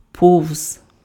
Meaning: by, past
- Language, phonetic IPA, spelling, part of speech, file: Ukrainian, [pɔu̯z], повз, preposition, Uk-повз.ogg